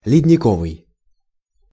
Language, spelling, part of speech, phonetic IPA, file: Russian, ледниковый, adjective, [lʲɪdʲnʲɪˈkovɨj], Ru-ледниковый.ogg
- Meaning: glacier; glacial